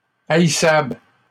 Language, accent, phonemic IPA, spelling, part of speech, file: French, Canada, /a.i.sabl/, haïssable, adjective, LL-Q150 (fra)-haïssable.wav
- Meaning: 1. hatable, detestable, insufferable, unbearable, worthy of being hated 2. mischievous